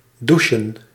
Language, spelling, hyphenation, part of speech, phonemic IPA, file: Dutch, douchen, dou‧chen, verb, /ˈduʃə(n)/, Nl-douchen.ogg
- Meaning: to shower, to take a shower